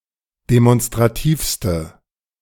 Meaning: inflection of demonstrativ: 1. strong/mixed nominative/accusative feminine singular superlative degree 2. strong nominative/accusative plural superlative degree
- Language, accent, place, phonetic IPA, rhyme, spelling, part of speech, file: German, Germany, Berlin, [demɔnstʁaˈtiːfstə], -iːfstə, demonstrativste, adjective, De-demonstrativste.ogg